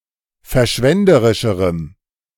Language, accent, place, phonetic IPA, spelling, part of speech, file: German, Germany, Berlin, [fɛɐ̯ˈʃvɛndəʁɪʃəʁəm], verschwenderischerem, adjective, De-verschwenderischerem.ogg
- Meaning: strong dative masculine/neuter singular comparative degree of verschwenderisch